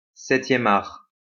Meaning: cinema, filmmaking
- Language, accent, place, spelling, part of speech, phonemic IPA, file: French, France, Lyon, septième art, noun, /sɛ.tjɛ.m‿aʁ/, LL-Q150 (fra)-septième art.wav